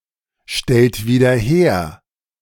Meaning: inflection of wiederherstellen: 1. second-person plural present 2. third-person singular present 3. plural imperative
- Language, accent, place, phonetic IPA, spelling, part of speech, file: German, Germany, Berlin, [ˌʃtɛlt viːdɐ ˈheːɐ̯], stellt wieder her, verb, De-stellt wieder her.ogg